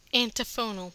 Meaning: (noun) 1. A book of antiphons or anthems sung or chanted at a liturgy; an antiphonary or antiphoner 2. An antiphon; a piece sung or chanted in an antiphonal manner
- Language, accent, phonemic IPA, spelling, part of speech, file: English, US, /ænˈtɪfənəl/, antiphonal, noun / adjective, En-us-antiphonal.ogg